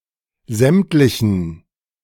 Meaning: inflection of sämtlich: 1. strong genitive masculine/neuter singular 2. weak/mixed genitive/dative all-gender singular 3. strong/weak/mixed accusative masculine singular 4. strong dative plural
- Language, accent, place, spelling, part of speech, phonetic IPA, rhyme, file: German, Germany, Berlin, sämtlichen, adjective, [ˈzɛmtlɪçn̩], -ɛmtlɪçn̩, De-sämtlichen.ogg